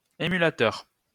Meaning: 1. emulator (one who emulates) 2. emulator (software)
- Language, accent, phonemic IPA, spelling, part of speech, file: French, France, /e.my.la.tœʁ/, émulateur, noun, LL-Q150 (fra)-émulateur.wav